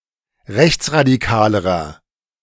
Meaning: inflection of rechtsradikal: 1. strong/mixed nominative masculine singular comparative degree 2. strong genitive/dative feminine singular comparative degree
- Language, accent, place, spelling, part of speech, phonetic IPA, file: German, Germany, Berlin, rechtsradikalerer, adjective, [ˈʁɛçt͡sʁadiˌkaːləʁɐ], De-rechtsradikalerer.ogg